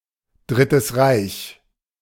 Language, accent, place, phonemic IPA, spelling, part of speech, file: German, Germany, Berlin, /ˈdʁɪtəs ˈʁaɪ̯ç/, Drittes Reich, proper noun, De-Drittes Reich.ogg
- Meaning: The Third Reich